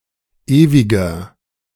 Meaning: 1. comparative degree of ewig 2. inflection of ewig: strong/mixed nominative masculine singular 3. inflection of ewig: strong genitive/dative feminine singular
- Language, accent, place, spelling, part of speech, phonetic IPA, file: German, Germany, Berlin, ewiger, adjective, [ˈeːvɪɡɐ], De-ewiger.ogg